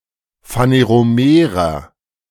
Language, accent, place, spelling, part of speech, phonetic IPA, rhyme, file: German, Germany, Berlin, phaneromerer, adjective, [faneʁoˈmeːʁɐ], -eːʁɐ, De-phaneromerer.ogg
- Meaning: inflection of phaneromer: 1. strong/mixed nominative masculine singular 2. strong genitive/dative feminine singular 3. strong genitive plural